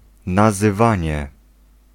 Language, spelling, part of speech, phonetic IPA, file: Polish, nazywanie, noun, [ˌnazɨˈvãɲɛ], Pl-nazywanie.ogg